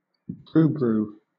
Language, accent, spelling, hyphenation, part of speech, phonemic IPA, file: English, Southern England, brubru, bru‧bru, noun, /ˈbɹuːbɹuː/, LL-Q1860 (eng)-brubru.wav
- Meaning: Also more fully as brubru shrike: a bird in the bushshrike family found in sub-Saharan Africa (Nilaus afer)